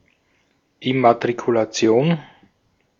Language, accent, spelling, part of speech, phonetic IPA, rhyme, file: German, Austria, Immatrikulation, noun, [ɪmatʁikulaˈt͡si̯oːn], -oːn, De-at-Immatrikulation.ogg
- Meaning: 1. registration, addition to the register of students (at a school) 2. vehicle registration